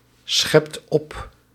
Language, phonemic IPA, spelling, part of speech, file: Dutch, /ˈsxɛpt ˈɔp/, schept op, verb, Nl-schept op.ogg
- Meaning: inflection of opscheppen: 1. second/third-person singular present indicative 2. plural imperative